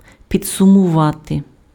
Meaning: to summarize, to sum up
- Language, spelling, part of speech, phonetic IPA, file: Ukrainian, підсумувати, verb, [pʲid͡zsʊmʊˈʋate], Uk-підсумувати.ogg